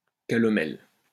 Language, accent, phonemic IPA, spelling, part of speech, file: French, France, /ka.lɔ.mɛl/, calomel, noun, LL-Q150 (fra)-calomel.wav
- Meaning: calomel